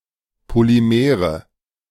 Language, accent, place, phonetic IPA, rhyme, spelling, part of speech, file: German, Germany, Berlin, [poliˈmeːʁə], -eːʁə, Polymere, noun, De-Polymere.ogg
- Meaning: nominative/accusative/genitive plural of Polymer